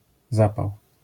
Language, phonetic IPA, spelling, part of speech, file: Polish, [ˈzapaw], zapał, noun, LL-Q809 (pol)-zapał.wav